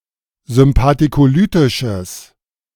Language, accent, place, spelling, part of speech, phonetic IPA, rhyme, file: German, Germany, Berlin, sympathikolytisches, adjective, [zʏmpatikoˈlyːtɪʃəs], -yːtɪʃəs, De-sympathikolytisches.ogg
- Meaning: strong/mixed nominative/accusative neuter singular of sympathikolytisch